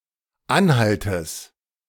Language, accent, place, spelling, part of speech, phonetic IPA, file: German, Germany, Berlin, Anhaltes, noun, [ˈanˌhaltəs], De-Anhaltes.ogg
- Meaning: genitive of Anhalt